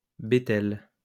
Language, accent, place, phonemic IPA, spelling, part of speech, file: French, France, Lyon, /be.tɛl/, bétel, noun, LL-Q150 (fra)-bétel.wav
- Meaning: betel